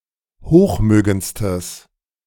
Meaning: strong/mixed nominative/accusative neuter singular superlative degree of hochmögend
- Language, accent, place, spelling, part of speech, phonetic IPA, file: German, Germany, Berlin, hochmögendstes, adjective, [ˈhoːxˌmøːɡənt͡stəs], De-hochmögendstes.ogg